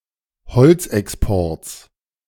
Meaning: strong/mixed nominative/accusative neuter singular of bezogen
- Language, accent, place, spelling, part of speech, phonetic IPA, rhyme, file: German, Germany, Berlin, bezogenes, adjective, [bəˈt͡soːɡənəs], -oːɡənəs, De-bezogenes.ogg